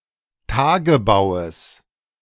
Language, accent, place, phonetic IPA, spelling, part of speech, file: German, Germany, Berlin, [ˈtaːɡəbaʊ̯əs], Tagebaues, noun, De-Tagebaues.ogg
- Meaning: genitive singular of Tagebau